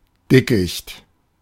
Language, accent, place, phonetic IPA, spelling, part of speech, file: German, Germany, Berlin, [ˈdɪkɪçt], Dickicht, noun, De-Dickicht.ogg
- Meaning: thicket (copse)